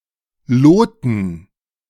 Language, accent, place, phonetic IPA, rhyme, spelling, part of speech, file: German, Germany, Berlin, [ˈloːtn̩], -oːtn̩, Loten, noun, De-Loten.ogg
- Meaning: dative plural of Lot